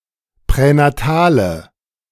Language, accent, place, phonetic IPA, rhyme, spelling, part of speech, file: German, Germany, Berlin, [pʁɛnaˈtaːlə], -aːlə, pränatale, adjective, De-pränatale.ogg
- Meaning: inflection of pränatal: 1. strong/mixed nominative/accusative feminine singular 2. strong nominative/accusative plural 3. weak nominative all-gender singular